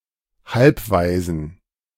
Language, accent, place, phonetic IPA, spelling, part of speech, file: German, Germany, Berlin, [ˈhalpˌvaɪ̯zn̩], Halbwaisen, noun, De-Halbwaisen.ogg
- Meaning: plural of Halbwaise